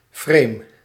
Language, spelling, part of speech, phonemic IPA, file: Dutch, frame, noun / verb, /freːm/, Nl-frame.ogg
- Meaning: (noun) frame; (verb) inflection of framen: 1. first-person singular present indicative 2. second-person singular present indicative 3. imperative 4. singular present subjunctive